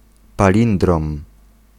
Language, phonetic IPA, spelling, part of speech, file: Polish, [paˈlʲĩndrɔ̃m], palindrom, noun, Pl-palindrom.ogg